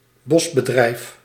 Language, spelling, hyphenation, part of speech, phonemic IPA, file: Dutch, bosbedrijf, bos‧be‧drijf, noun, /ˈbɔsbəˌdrɛi̯f/, Nl-bosbedrijf.ogg
- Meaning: forestry